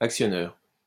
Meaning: actuator
- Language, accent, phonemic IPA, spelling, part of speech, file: French, France, /ak.sjɔ.nœʁ/, actionneur, noun, LL-Q150 (fra)-actionneur.wav